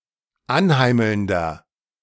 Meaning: 1. comparative degree of anheimelnd 2. inflection of anheimelnd: strong/mixed nominative masculine singular 3. inflection of anheimelnd: strong genitive/dative feminine singular
- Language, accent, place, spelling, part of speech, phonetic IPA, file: German, Germany, Berlin, anheimelnder, adjective, [ˈanˌhaɪ̯ml̩ndɐ], De-anheimelnder.ogg